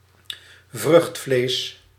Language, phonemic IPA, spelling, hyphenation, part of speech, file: Dutch, /ˈvrʏxt.fleːs/, vruchtvlees, vrucht‧vlees, noun, Nl-vruchtvlees.ogg
- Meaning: the flesh or pulp of a fruit